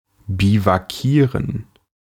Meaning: to bivouac
- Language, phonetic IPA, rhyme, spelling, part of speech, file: German, [bivaˈkiːʁən], -iːʁən, biwakieren, verb, De-biwakieren.ogg